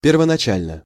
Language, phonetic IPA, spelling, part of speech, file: Russian, [pʲɪrvənɐˈt͡ɕælʲnə], первоначально, adverb / adjective, Ru-первоначально.ogg
- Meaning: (adverb) initially, originally, at first, first (at the beginning); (adjective) short neuter singular of первонача́льный (pervonačálʹnyj)